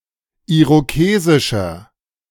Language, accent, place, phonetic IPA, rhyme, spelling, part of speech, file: German, Germany, Berlin, [ˌiʁoˈkeːzɪʃɐ], -eːzɪʃɐ, irokesischer, adjective, De-irokesischer.ogg
- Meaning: inflection of irokesisch: 1. strong/mixed nominative masculine singular 2. strong genitive/dative feminine singular 3. strong genitive plural